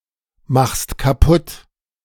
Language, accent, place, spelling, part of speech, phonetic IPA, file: German, Germany, Berlin, machst kaputt, verb, [ˌmaxst kaˈpʊt], De-machst kaputt.ogg
- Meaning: second-person singular present of kaputtmachen